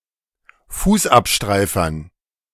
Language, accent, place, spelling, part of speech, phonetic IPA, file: German, Germany, Berlin, Fußabstreifern, noun, [ˈfuːsʔapˌʃtʁaɪ̯fɐn], De-Fußabstreifern.ogg
- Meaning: dative plural of Fußabstreifer